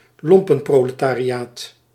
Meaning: the lumpenproletariat
- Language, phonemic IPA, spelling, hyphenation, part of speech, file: Dutch, /ˈlɔm.pə(n).proː.lə.taː.riˌaːt/, lompenproletariaat, lom‧pen‧pro‧le‧ta‧ri‧aat, noun, Nl-lompenproletariaat.ogg